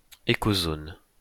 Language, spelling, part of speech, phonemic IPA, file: French, écozone, noun, /e.ko.zɔn/, LL-Q150 (fra)-écozone.wav
- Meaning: ecozone